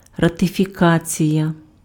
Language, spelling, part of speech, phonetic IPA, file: Ukrainian, ратифікація, noun, [rɐtefʲiˈkat͡sʲijɐ], Uk-ратифікація.ogg
- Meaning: ratification